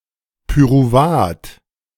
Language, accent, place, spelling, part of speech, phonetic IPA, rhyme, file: German, Germany, Berlin, Pyruvat, noun, [pyʁuˈvaːt], -aːt, De-Pyruvat.ogg
- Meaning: pyruvate